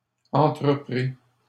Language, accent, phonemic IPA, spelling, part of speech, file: French, Canada, /ɑ̃.tʁə.pʁi/, entreprit, verb, LL-Q150 (fra)-entreprit.wav
- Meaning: third-person singular past historic of entreprendre